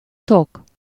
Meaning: 1. holder 2. case 3. cover 4. sheath 5. sturgeon (a type of fish)
- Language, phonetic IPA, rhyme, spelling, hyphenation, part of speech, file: Hungarian, [ˈtok], -ok, tok, tok, noun, Hu-tok.ogg